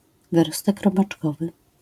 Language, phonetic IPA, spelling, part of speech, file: Polish, [vɨˈrɔstɛk ˌrɔbat͡ʃˈkɔvɨ], wyrostek robaczkowy, noun, LL-Q809 (pol)-wyrostek robaczkowy.wav